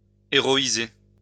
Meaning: to heroize
- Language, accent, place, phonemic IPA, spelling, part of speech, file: French, France, Lyon, /e.ʁɔ.i.ze/, héroïser, verb, LL-Q150 (fra)-héroïser.wav